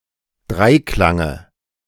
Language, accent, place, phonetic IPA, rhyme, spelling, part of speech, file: German, Germany, Berlin, [ˈdʁaɪ̯ˌklaŋə], -aɪ̯klaŋə, Dreiklange, noun, De-Dreiklange.ogg
- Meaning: dative of Dreiklang